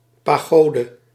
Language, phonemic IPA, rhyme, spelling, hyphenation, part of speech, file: Dutch, /ˌpaːˈɣoː.də/, -oːdə, pagode, pa‧go‧de, noun, Nl-pagode.ogg
- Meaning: pagoda